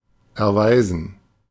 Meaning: 1. to prove, to show (itself or oneself) 2. to accord, to do
- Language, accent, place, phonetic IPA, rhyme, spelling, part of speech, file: German, Germany, Berlin, [ɛɐ̯ˈvaɪ̯zn̩], -aɪ̯zn̩, erweisen, verb, De-erweisen.ogg